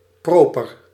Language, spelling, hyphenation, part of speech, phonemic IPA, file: Dutch, proper, pro‧per, adjective, /ˈproː.pər/, Nl-proper.ogg
- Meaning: clean